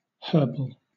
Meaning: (adjective) 1. Made from or with herbs 2. Made from natural herbs specifically as opposed to from synthetic materials; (noun) 1. A manual of herbs and their medical uses 2. An herbal supplement
- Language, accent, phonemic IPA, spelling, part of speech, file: English, Southern England, /ˈhɜːbəl/, herbal, adjective / noun, LL-Q1860 (eng)-herbal.wav